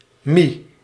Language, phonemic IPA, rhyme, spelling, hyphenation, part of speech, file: Dutch, /mi/, -i, mi, mi, noun, Nl-mi.ogg
- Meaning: mi